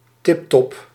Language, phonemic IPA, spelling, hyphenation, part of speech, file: Dutch, /ˈtɪp.tɔp/, tiptop, tip‧top, adjective / adverb, Nl-tiptop.ogg
- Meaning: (adjective) excellent, fantastic; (adverb) tiptop, excellently